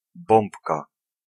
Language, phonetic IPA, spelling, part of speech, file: Polish, [ˈbɔ̃mpka], bombka, noun, Pl-bombka.ogg